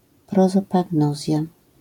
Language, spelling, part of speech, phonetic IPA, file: Polish, prozopagnozja, noun, [ˌprɔzɔpaɡˈnɔzʲja], LL-Q809 (pol)-prozopagnozja.wav